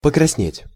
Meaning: 1. to redden, to grow red 2. to blush, to turn red in the face
- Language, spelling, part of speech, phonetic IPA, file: Russian, покраснеть, verb, [pəkrɐsˈnʲetʲ], Ru-покраснеть.ogg